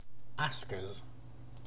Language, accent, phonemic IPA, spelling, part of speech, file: English, UK, /ˈɑːsk.əz/, askers, noun, En-uk-askers.ogg
- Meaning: plural of asker